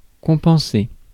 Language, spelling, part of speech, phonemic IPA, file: French, compenser, verb, /kɔ̃.pɑ̃.se/, Fr-compenser.ogg
- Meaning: to compensate for, to offset